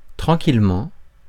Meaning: calmly, peacefully, quietly, serenely, tranquilly
- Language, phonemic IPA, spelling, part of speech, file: French, /tʁɑ̃.kil.mɑ̃/, tranquillement, adverb, Fr-tranquillement.ogg